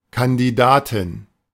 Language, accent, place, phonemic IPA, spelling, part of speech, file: German, Germany, Berlin, /kandiˈdaːtɪn/, Kandidatin, noun, De-Kandidatin.ogg
- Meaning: female candidate